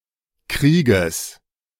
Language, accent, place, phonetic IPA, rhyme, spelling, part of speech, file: German, Germany, Berlin, [ˈkʁiːɡəs], -iːɡəs, Krieges, noun, De-Krieges.ogg
- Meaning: genitive singular of Krieg